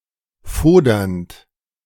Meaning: present participle of fodern
- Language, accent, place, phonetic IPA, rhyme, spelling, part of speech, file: German, Germany, Berlin, [ˈfoːdɐnt], -oːdɐnt, fodernd, verb, De-fodernd.ogg